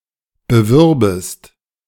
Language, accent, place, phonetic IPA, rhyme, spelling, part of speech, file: German, Germany, Berlin, [bəˈvʏʁbəst], -ʏʁbəst, bewürbest, verb, De-bewürbest.ogg
- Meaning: second-person singular subjunctive II of bewerben